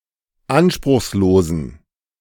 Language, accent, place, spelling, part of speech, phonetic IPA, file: German, Germany, Berlin, anspruchslosen, adjective, [ˈanʃpʁʊxsˌloːzn̩], De-anspruchslosen.ogg
- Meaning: inflection of anspruchslos: 1. strong genitive masculine/neuter singular 2. weak/mixed genitive/dative all-gender singular 3. strong/weak/mixed accusative masculine singular 4. strong dative plural